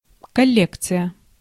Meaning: collection
- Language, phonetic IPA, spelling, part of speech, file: Russian, [kɐˈlʲekt͡sɨjə], коллекция, noun, Ru-коллекция.ogg